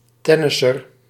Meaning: tennis player
- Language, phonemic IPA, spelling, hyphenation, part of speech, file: Dutch, /ˈtɛ.nɪ.sər/, tennisser, ten‧nis‧ser, noun, Nl-tennisser.ogg